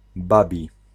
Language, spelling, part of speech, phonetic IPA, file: Polish, babi, adjective, [ˈbabʲi], Pl-babi.ogg